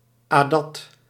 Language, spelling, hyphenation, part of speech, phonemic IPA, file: Dutch, adat, adat, noun, /ˈaː.dɑt/, Nl-adat.ogg
- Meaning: 1. a Malay or Indonesian legal tradition 2. adat, traditional Malay law